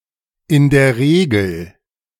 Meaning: initialism of in der Regel
- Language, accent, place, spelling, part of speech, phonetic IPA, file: German, Germany, Berlin, i. d. R., abbreviation, [ɪn deːɐ̯ ˈʁeːɡl̩], De-i. d. R..ogg